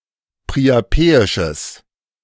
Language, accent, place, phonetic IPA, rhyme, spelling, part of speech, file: German, Germany, Berlin, [pʁiaˈpeːɪʃəs], -eːɪʃəs, priapeisches, adjective, De-priapeisches.ogg
- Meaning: strong/mixed nominative/accusative neuter singular of priapeisch